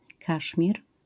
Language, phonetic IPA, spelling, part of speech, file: Polish, [ˈkaʃmʲir], Kaszmir, proper noun, LL-Q809 (pol)-Kaszmir.wav